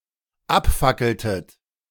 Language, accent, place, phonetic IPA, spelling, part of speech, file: German, Germany, Berlin, [ˈapˌfakl̩tət], abfackeltet, verb, De-abfackeltet.ogg
- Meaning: inflection of abfackeln: 1. second-person plural dependent preterite 2. second-person plural dependent subjunctive II